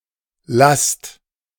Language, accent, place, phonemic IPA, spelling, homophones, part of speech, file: German, Germany, Berlin, /last/, Last, lasst, noun, De-Last.ogg
- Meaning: load, burden